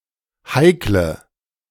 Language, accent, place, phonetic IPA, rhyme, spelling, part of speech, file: German, Germany, Berlin, [ˈhaɪ̯klə], -aɪ̯klə, heikle, adjective, De-heikle.ogg
- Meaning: inflection of heikel: 1. strong/mixed nominative/accusative feminine singular 2. strong nominative/accusative plural 3. weak nominative all-gender singular 4. weak accusative feminine/neuter singular